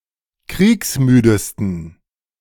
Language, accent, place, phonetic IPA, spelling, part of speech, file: German, Germany, Berlin, [ˈkʁiːksˌmyːdəstn̩], kriegsmüdesten, adjective, De-kriegsmüdesten.ogg
- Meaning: 1. superlative degree of kriegsmüde 2. inflection of kriegsmüde: strong genitive masculine/neuter singular superlative degree